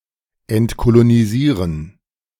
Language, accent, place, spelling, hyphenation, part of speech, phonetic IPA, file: German, Germany, Berlin, entkolonisieren, ent‧ko‧lo‧ni‧sie‧ren, verb, [ɛntkoloniˈziːʁən], De-entkolonisieren.ogg
- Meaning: to decolonize